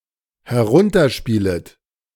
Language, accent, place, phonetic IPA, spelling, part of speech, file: German, Germany, Berlin, [hɛˈʁʊntɐˌʃpiːlət], herunterspielet, verb, De-herunterspielet.ogg
- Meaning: second-person plural dependent subjunctive I of herunterspielen